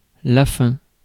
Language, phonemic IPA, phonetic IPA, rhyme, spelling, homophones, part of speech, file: French, /fɛ̃/, [fẽ], -ɛ̃, fin, faim / fins / feins / feint / feints, noun / adjective, Fr-fin.ogg
- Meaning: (noun) 1. end, close, finish 2. end, end goal, objective, purpose; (adjective) 1. thin, fine 2. kind, nice